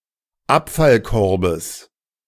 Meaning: genitive singular of Abfallkorb
- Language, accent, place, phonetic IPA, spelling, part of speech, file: German, Germany, Berlin, [ˈapfalˌkɔʁbəs], Abfallkorbes, noun, De-Abfallkorbes.ogg